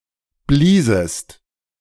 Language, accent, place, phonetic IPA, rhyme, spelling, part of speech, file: German, Germany, Berlin, [ˈbliːzəst], -iːzəst, bliesest, verb, De-bliesest.ogg
- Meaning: second-person singular subjunctive II of blasen